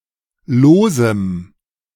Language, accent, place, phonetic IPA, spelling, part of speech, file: German, Germany, Berlin, [ˈloːzəm], losem, adjective, De-losem.ogg
- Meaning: strong dative masculine/neuter singular of lose